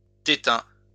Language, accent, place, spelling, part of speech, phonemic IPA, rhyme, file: French, France, Lyon, tétin, noun, /te.tɛ̃/, -ɛ̃, LL-Q150 (fra)-tétin.wav
- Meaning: 1. nipple 2. breast